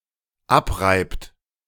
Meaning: inflection of abreiben: 1. third-person singular dependent present 2. second-person plural dependent present
- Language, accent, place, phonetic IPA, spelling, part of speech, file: German, Germany, Berlin, [ˈapˌʁaɪ̯pt], abreibt, verb, De-abreibt.ogg